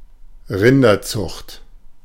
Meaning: cattle breeding (the breeding and raising of cattle)
- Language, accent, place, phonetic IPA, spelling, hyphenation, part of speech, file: German, Germany, Berlin, [ˈʁɪndɐˌt͡sʊxt], Rinderzucht, Rin‧der‧zucht, noun, De-Rinderzucht.ogg